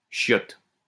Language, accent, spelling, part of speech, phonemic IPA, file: French, France, chiottes, noun, /ʃjɔt/, LL-Q150 (fra)-chiottes.wav
- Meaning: plural of chiotte